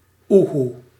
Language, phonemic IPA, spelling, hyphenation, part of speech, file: Dutch, /ˈu.ɦu/, oehoe, oe‧hoe, noun / interjection / verb, Nl-oehoe.ogg
- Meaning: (noun) 1. Eurasian eagle owl (Bubo bubo) 2. An eagle owl; an owl of the genus Bubo; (interjection) The sound an eagle owl makes; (verb) inflection of oehoeën: first-person singular present indicative